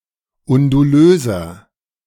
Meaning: inflection of undulös: 1. strong/mixed nominative masculine singular 2. strong genitive/dative feminine singular 3. strong genitive plural
- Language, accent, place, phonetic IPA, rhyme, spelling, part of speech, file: German, Germany, Berlin, [ʊnduˈløːzɐ], -øːzɐ, undulöser, adjective, De-undulöser.ogg